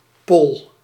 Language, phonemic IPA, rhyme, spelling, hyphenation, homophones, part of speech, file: Dutch, /pɔl/, -ɔl, Pol, Pol, pol, proper noun, Nl-Pol.ogg
- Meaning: 1. a male given name 2. a hamlet in Maasgouw, Limburg, Netherlands